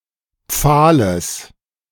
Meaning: genitive singular of Pfahl
- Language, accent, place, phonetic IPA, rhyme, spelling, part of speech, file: German, Germany, Berlin, [ˈp͡faːləs], -aːləs, Pfahles, noun, De-Pfahles.ogg